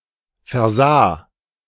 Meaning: first/third-person singular preterite of versehen
- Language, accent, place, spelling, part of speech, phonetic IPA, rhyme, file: German, Germany, Berlin, versah, verb, [fɛɐ̯ˈzaː], -aː, De-versah.ogg